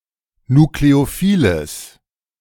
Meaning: strong/mixed nominative/accusative neuter singular of nukleophil
- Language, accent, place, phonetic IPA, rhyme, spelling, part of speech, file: German, Germany, Berlin, [nukleoˈfiːləs], -iːləs, nukleophiles, adjective, De-nukleophiles.ogg